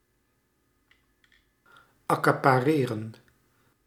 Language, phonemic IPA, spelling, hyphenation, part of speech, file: Dutch, /ɑ.kɑ.paːˈreː.rə(n)/, accapareren, ac‧ca‧pa‧re‧ren, verb, Nl-accapareren.ogg
- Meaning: to appropriate, to seize